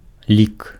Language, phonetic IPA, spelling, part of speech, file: Belarusian, [lʲik], лік, noun, Be-лік.ogg
- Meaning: 1. number (an element of one of several sets: natural numbers, integers, rational numbers, etc.) 2. count (the act of counting or tallying a quantity) 3. number (quantity)